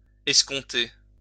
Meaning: 1. to discount because of a payment by anticipation 2. to anticipate, to be in the hope of
- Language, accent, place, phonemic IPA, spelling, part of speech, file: French, France, Lyon, /ɛs.kɔ̃.te/, escompter, verb, LL-Q150 (fra)-escompter.wav